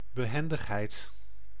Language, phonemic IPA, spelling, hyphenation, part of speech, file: Dutch, /bəˈɦɛn.dəxˌɦɛi̯t/, behendigheid, be‧hen‧dig‧heid, noun, Nl-behendigheid.ogg
- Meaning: agility, skill, skilfulness